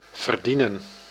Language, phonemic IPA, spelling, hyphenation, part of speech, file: Dutch, /vərˈdinə(n)/, verdienen, ver‧die‧nen, verb, Nl-verdienen.ogg
- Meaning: 1. to earn, get paid, have an income 2. to deserve